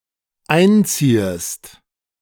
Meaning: second-person singular dependent subjunctive I of einziehen
- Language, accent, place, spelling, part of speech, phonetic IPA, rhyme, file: German, Germany, Berlin, einziehest, verb, [ˈaɪ̯nˌt͡siːəst], -aɪ̯nt͡siːəst, De-einziehest.ogg